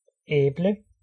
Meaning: An apple (fruit)
- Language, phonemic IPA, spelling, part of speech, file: Danish, /ɛːblə/, æble, noun, Da-æble.ogg